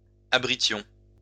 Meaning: inflection of abriter: 1. first-person plural imperfect indicative 2. first-person plural present subjunctive
- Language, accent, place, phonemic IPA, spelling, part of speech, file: French, France, Lyon, /a.bʁi.tjɔ̃/, abritions, verb, LL-Q150 (fra)-abritions.wav